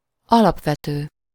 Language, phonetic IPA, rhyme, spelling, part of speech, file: Hungarian, [ˈɒlɒpvɛtøː], -tøː, alapvető, adjective, Hu-alapvető.ogg
- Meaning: fundamental, basic